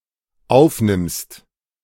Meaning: second-person singular dependent present of aufnehmen
- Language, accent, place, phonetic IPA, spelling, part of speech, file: German, Germany, Berlin, [ˈaʊ̯fˌnɪmst], aufnimmst, verb, De-aufnimmst.ogg